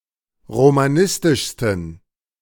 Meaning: 1. superlative degree of romanistisch 2. inflection of romanistisch: strong genitive masculine/neuter singular superlative degree
- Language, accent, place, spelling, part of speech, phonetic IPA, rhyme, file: German, Germany, Berlin, romanistischsten, adjective, [ʁomaˈnɪstɪʃstn̩], -ɪstɪʃstn̩, De-romanistischsten.ogg